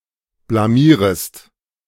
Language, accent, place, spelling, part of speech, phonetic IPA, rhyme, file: German, Germany, Berlin, blamierest, verb, [blaˈmiːʁəst], -iːʁəst, De-blamierest.ogg
- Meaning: second-person singular subjunctive I of blamieren